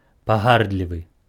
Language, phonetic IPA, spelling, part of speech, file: Belarusian, [paˈɣardlʲivɨ], пагардлівы, adjective, Be-пагардлівы.ogg
- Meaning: disdainful